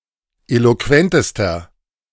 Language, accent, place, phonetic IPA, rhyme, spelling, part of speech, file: German, Germany, Berlin, [ˌeloˈkvɛntəstɐ], -ɛntəstɐ, eloquentester, adjective, De-eloquentester.ogg
- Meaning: inflection of eloquent: 1. strong/mixed nominative masculine singular superlative degree 2. strong genitive/dative feminine singular superlative degree 3. strong genitive plural superlative degree